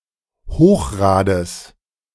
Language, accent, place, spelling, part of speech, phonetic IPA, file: German, Germany, Berlin, Hochrades, noun, [ˈhoːxˌʁaːdəs], De-Hochrades.ogg
- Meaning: genitive singular of Hochrad